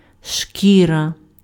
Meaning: skin, hide, leather
- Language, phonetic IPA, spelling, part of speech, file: Ukrainian, [ˈʃkʲirɐ], шкіра, noun, Uk-шкіра.ogg